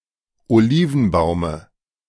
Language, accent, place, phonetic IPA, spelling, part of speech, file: German, Germany, Berlin, [oˈliːvn̩ˌbaʊ̯mə], Olivenbaume, noun, De-Olivenbaume.ogg
- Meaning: dative of Olivenbaum